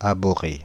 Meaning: to abominate, to abhor, to loathe
- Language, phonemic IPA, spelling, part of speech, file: French, /a.bɔ.ʁe/, abhorrer, verb, Fr-abhorrer.ogg